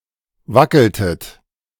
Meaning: inflection of wackeln: 1. second-person plural preterite 2. second-person plural subjunctive II
- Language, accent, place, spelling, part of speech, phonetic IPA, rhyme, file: German, Germany, Berlin, wackeltet, verb, [ˈvakl̩tət], -akl̩tət, De-wackeltet.ogg